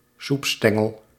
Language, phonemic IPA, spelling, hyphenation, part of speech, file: Dutch, /ˈsupˌstɛ.ŋəl/, soepstengel, soep‧sten‧gel, noun, Nl-soepstengel.ogg
- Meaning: a breadstick